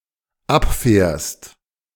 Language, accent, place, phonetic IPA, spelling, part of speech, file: German, Germany, Berlin, [ˈapˌfɛːɐ̯st], abfährst, verb, De-abfährst.ogg
- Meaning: second-person singular dependent present of abfahren